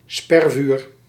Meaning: 1. crossfire to suppress an enemy 2. a barrage of suppressive crossfire 3. a barrage of words
- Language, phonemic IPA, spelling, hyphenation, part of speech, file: Dutch, /ˈspɛr.vyːr/, spervuur, sper‧vuur, noun, Nl-spervuur.ogg